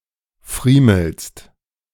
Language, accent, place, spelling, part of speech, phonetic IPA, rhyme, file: German, Germany, Berlin, friemelst, verb, [ˈfʁiːml̩st], -iːml̩st, De-friemelst.ogg
- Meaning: second-person singular present of friemeln